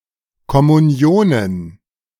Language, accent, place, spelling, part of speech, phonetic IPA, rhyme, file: German, Germany, Berlin, Kommunionen, noun, [kɔmuˈni̯oːnən], -oːnən, De-Kommunionen.ogg
- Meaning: plural of Kommunion